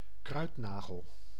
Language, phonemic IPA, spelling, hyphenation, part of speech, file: Dutch, /ˈkrœy̯tˌnaː.ɣəl/, kruidnagel, kruid‧na‧gel, noun, Nl-kruidnagel.ogg
- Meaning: clove, the dried, often ground flower buds of Syzygium aromaticum